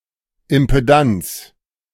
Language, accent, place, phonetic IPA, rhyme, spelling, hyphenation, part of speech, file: German, Germany, Berlin, [ɪmpeˈdant͡s], -ants, Impedanz, Im‧pe‧danz, noun, De-Impedanz.ogg
- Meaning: impedance